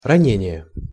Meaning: wound, wounding, injury, injuring
- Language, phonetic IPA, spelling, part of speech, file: Russian, [rɐˈnʲenʲɪje], ранение, noun, Ru-ранение.ogg